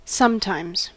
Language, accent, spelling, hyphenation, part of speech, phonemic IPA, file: English, US, sometimes, some‧times, adverb / adjective, /ˈsʌm.taɪmz/, En-us-sometimes.ogg
- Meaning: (adverb) 1. On some occasions, over some periods, or in certain circumstances, but not always 2. On a certain occasion in the past; once; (adjective) Former; sometime